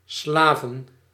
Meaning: plural of Slaaf
- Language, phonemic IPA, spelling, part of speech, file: Dutch, /ˈslavə(n)/, Slaven, noun, Nl-Slaven.ogg